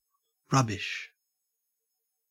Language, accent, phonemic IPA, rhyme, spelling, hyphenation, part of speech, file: English, Australia, /ˈɹʌbɪʃ/, -ʌbɪʃ, rubbish, rub‧bish, noun / adjective / interjection / verb, En-au-rubbish.ogg
- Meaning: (noun) 1. Refuse, waste, garbage, junk, trash 2. An item, or items, of low quality 3. Nonsense 4. Debris or ruins of buildings; rubble; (adjective) Exceedingly bad; awful